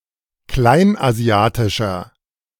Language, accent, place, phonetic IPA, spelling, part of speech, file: German, Germany, Berlin, [ˈklaɪ̯nʔaˌzi̯aːtɪʃɐ], kleinasiatischer, adjective, De-kleinasiatischer.ogg
- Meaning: inflection of kleinasiatisch: 1. strong/mixed nominative masculine singular 2. strong genitive/dative feminine singular 3. strong genitive plural